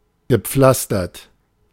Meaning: past participle of pflastern
- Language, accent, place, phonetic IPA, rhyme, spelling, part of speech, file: German, Germany, Berlin, [ɡəˈp͡flastɐt], -astɐt, gepflastert, adjective / verb, De-gepflastert.ogg